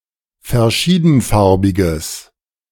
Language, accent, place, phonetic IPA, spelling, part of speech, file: German, Germany, Berlin, [fɛɐ̯ˈʃiːdn̩ˌfaʁbɪɡəs], verschiedenfarbiges, adjective, De-verschiedenfarbiges.ogg
- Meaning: strong/mixed nominative/accusative neuter singular of verschiedenfarbig